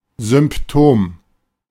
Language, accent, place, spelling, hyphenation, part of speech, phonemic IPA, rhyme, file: German, Germany, Berlin, Symptom, Sym‧ptom, noun, /zʏm(p)ˈtoːm/, -oːm, De-Symptom.ogg
- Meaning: symptom, sign